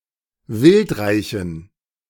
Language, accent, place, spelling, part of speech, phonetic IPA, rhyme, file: German, Germany, Berlin, wildreichen, adjective, [ˈvɪltˌʁaɪ̯çn̩], -ɪltʁaɪ̯çn̩, De-wildreichen.ogg
- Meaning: inflection of wildreich: 1. strong genitive masculine/neuter singular 2. weak/mixed genitive/dative all-gender singular 3. strong/weak/mixed accusative masculine singular 4. strong dative plural